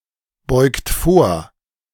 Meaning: inflection of vorbeugen: 1. second-person plural present 2. third-person singular present 3. plural imperative
- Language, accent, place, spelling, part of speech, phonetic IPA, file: German, Germany, Berlin, beugt vor, verb, [ˌbɔɪ̯kt ˈfoːɐ̯], De-beugt vor.ogg